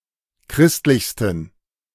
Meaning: 1. superlative degree of christlich 2. inflection of christlich: strong genitive masculine/neuter singular superlative degree
- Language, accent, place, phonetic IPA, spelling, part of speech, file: German, Germany, Berlin, [ˈkʁɪstlɪçstn̩], christlichsten, adjective, De-christlichsten.ogg